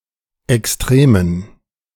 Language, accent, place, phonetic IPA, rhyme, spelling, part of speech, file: German, Germany, Berlin, [ɛksˈtʁeːmən], -eːmən, Extremen, noun, De-Extremen.ogg
- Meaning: dative plural of Extrem